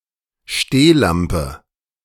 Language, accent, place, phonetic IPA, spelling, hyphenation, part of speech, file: German, Germany, Berlin, [ˈʃteːˌlampə], Stehlampe, Steh‧lam‧pe, noun, De-Stehlampe.ogg
- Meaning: standard lamp, floor lamp (lamp supported by a tall vertical pole with its base resting on the floor)